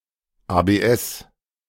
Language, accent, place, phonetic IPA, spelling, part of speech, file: German, Germany, Berlin, [aːbeːˈʔɛs], ABS, abbreviation, De-ABS.ogg
- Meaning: initialism of Antiblockiersystem (anti-lock braking system)